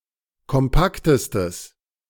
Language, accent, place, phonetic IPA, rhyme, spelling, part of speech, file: German, Germany, Berlin, [kɔmˈpaktəstəs], -aktəstəs, kompaktestes, adjective, De-kompaktestes.ogg
- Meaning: strong/mixed nominative/accusative neuter singular superlative degree of kompakt